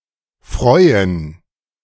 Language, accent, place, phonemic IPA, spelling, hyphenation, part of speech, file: German, Germany, Berlin, /ˈfʁɔʏ̯ən/, freuen, freu‧en, verb, De-freuen2.ogg
- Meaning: 1. to gladden, to make glad, to make pleased 2. to be glad, pleased, or happy about something 3. to look forward to 4. to be happy for someone 5. to take delight in